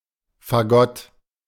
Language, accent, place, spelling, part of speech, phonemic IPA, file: German, Germany, Berlin, Fagott, noun, /faˈɡɔt/, De-Fagott.ogg
- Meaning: bassoon